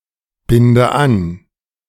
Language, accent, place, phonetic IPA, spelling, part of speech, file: German, Germany, Berlin, [ˌbɪndə ˈan], binde an, verb, De-binde an.ogg
- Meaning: inflection of anbinden: 1. first-person singular present 2. first/third-person singular subjunctive I 3. singular imperative